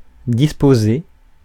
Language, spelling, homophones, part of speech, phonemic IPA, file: French, disposé, disposer / disposez / disposai, adjective / verb, /dis.po.ze/, Fr-disposé.ogg
- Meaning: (adjective) 1. organized, placed in a certain fashion, arranged 2. willing, ready to do (something), prepared; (verb) past participle of disposer